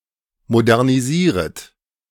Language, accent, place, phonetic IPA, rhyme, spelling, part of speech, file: German, Germany, Berlin, [modɛʁniˈziːʁət], -iːʁət, modernisieret, verb, De-modernisieret.ogg
- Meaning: second-person plural subjunctive I of modernisieren